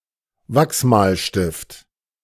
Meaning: crayon (of wax)
- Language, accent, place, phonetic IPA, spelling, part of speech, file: German, Germany, Berlin, [ˈvaksmaːlʃtɪft], Wachsmalstift, noun, De-Wachsmalstift.ogg